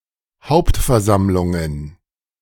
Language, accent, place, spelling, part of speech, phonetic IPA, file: German, Germany, Berlin, Hauptversammlungen, noun, [ˈhaʊ̯ptfɛɐ̯ˌzamlʊŋən], De-Hauptversammlungen.ogg
- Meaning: plural of Hauptversammlung